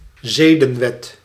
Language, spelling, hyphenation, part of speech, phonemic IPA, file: Dutch, zedenwet, ze‧den‧wet, noun, /ˈzeː.də(n)ˌʋɛt/, Nl-zedenwet.ogg
- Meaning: normative system of ethics